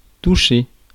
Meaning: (noun) 1. the act of touching (see below) 2. a way of touching 3. the sense of touch, tactility; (verb) 1. to touch (physically) 2. to affect 3. to receive, to get; to earn (money)
- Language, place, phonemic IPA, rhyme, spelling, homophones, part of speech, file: French, Paris, /tu.ʃe/, -e, toucher, touchai / touché / touchée / touchées / touchers / touchés / touchez, noun / verb, Fr-toucher.ogg